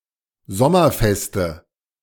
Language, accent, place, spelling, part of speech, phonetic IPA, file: German, Germany, Berlin, sommerfeste, adjective, [ˈzɔmɐˌfɛstə], De-sommerfeste.ogg
- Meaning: inflection of sommerfest: 1. strong/mixed nominative/accusative feminine singular 2. strong nominative/accusative plural 3. weak nominative all-gender singular